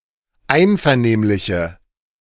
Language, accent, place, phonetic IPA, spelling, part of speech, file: German, Germany, Berlin, [ˈaɪ̯nfɛɐ̯ˌneːmlɪçə], einvernehmliche, adjective, De-einvernehmliche.ogg
- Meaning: inflection of einvernehmlich: 1. strong/mixed nominative/accusative feminine singular 2. strong nominative/accusative plural 3. weak nominative all-gender singular